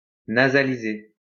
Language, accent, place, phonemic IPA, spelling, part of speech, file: French, France, Lyon, /na.za.li.ze/, nasaliser, verb, LL-Q150 (fra)-nasaliser.wav
- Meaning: to nasalize